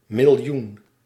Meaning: a million, 10⁶
- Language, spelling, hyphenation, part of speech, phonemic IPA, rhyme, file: Dutch, miljoen, mil‧joen, noun, /mɪlˈjun/, -un, Nl-miljoen.ogg